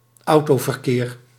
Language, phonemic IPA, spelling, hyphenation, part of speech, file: Dutch, /ˈɑu̯.toː.vərˌkeːr/, autoverkeer, au‧to‧ver‧keer, noun, Nl-autoverkeer.ogg
- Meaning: car traffic